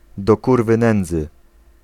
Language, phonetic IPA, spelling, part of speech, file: Polish, [dɔ‿ˈkurvɨ ˈnɛ̃nd͡zɨ], do kurwy nędzy, interjection, Pl-do kurwy nędzy.ogg